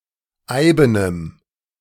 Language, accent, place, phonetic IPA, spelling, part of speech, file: German, Germany, Berlin, [ˈaɪ̯bənəm], eibenem, adjective, De-eibenem.ogg
- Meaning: strong dative masculine/neuter singular of eiben